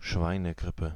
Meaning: swine flu, H1N1 (influenza caused by orthomyxoviruses)
- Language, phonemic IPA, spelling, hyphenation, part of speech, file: German, /ˈʃvaɪ̯nəˌɡʁɪpə/, Schweinegrippe, Schwei‧ne‧grip‧pe, noun, De-Schweinegrippe.ogg